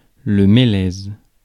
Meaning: larch, larch tree (Larix)
- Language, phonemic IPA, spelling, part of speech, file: French, /me.lɛz/, mélèze, noun, Fr-mélèze.ogg